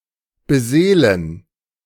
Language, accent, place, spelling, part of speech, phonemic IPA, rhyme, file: German, Germany, Berlin, beseelen, verb, /bəˈzeːlən/, -eːlən, De-beseelen.ogg
- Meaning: to animate, to inspire